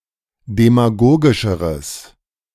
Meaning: strong/mixed nominative/accusative neuter singular comparative degree of demagogisch
- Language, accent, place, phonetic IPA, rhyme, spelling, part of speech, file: German, Germany, Berlin, [demaˈɡoːɡɪʃəʁəs], -oːɡɪʃəʁəs, demagogischeres, adjective, De-demagogischeres.ogg